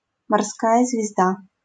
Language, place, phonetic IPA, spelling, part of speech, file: Russian, Saint Petersburg, [mɐrˈskajə zvʲɪzˈda], морская звезда, noun, LL-Q7737 (rus)-морская звезда.wav
- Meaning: starfish